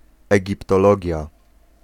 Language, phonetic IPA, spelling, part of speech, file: Polish, [ˌɛɟiptɔˈlɔɟja], egiptologia, noun, Pl-egiptologia.ogg